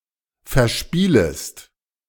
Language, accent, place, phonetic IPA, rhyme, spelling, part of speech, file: German, Germany, Berlin, [fɛɐ̯ˈʃpiːləst], -iːləst, verspielest, verb, De-verspielest.ogg
- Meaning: second-person singular subjunctive I of verspielen